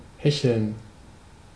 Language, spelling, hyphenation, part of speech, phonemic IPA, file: German, hecheln, he‧cheln, verb, /ˈhɛçəln/, De-hecheln.ogg
- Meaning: 1. to pant or breathe fast and loudly through one’s mouth (much like dogs do when hot or short of breath) 2. to hackle, heckle (to dress [flax or hemp] with a hackle) 3. to heckle; to slag off